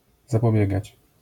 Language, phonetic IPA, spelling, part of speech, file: Polish, [ˌzapɔˈbʲjɛɡat͡ɕ], zapobiegać, verb, LL-Q809 (pol)-zapobiegać.wav